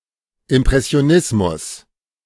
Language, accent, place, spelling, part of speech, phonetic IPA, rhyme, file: German, Germany, Berlin, Impressionismus, noun, [ɪmpʁɛsi̯oˈnɪsmʊs], -ɪsmʊs, De-Impressionismus.ogg
- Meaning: impressionism